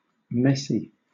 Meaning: 1. In a disorderly state; chaotic; disorderly 2. Prone to causing mess 3. Difficult or unpleasant to deal with 4. Argumentative, spreading spreading gossip, talking behind someone's back
- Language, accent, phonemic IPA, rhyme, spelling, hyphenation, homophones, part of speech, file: English, Southern England, /ˈmɛsi/, -ɛsi, messy, messy, Messi, adjective, LL-Q1860 (eng)-messy.wav